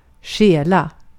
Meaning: 1. to steal 2. to steal; to borrow
- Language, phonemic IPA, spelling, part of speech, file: Swedish, /ˈɧɛːˌla/, stjäla, verb, Sv-stjäla.ogg